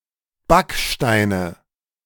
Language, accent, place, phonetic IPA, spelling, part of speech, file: German, Germany, Berlin, [ˈbakʃtaɪ̯nə], Backsteine, noun, De-Backsteine.ogg
- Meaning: nominative/accusative/genitive plural of Backstein